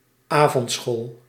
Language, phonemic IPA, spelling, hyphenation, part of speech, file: Dutch, /ˈaː.vɔntˌsxoːl/, avondschool, avond‧school, noun, Nl-avondschool.ogg
- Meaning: night school, evening school